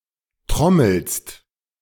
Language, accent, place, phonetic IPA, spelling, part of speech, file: German, Germany, Berlin, [ˈtʁɔml̩st], trommelst, verb, De-trommelst.ogg
- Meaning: second-person singular present of trommeln